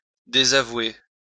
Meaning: 1. to take back (something that has been said) 2. to disown 3. to disavow 4. to deny, deny ownership of
- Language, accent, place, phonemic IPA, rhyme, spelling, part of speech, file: French, France, Lyon, /de.za.vwe/, -we, désavouer, verb, LL-Q150 (fra)-désavouer.wav